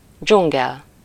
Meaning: jungle
- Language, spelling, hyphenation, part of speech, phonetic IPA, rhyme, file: Hungarian, dzsungel, dzsun‧gel, noun, [ˈd͡ʒuŋɡɛl], -ɛl, Hu-dzsungel.ogg